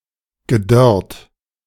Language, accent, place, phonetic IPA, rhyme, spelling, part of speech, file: German, Germany, Berlin, [ɡəˈdœʁt], -œʁt, gedörrt, adjective / verb, De-gedörrt.ogg
- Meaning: past participle of dörren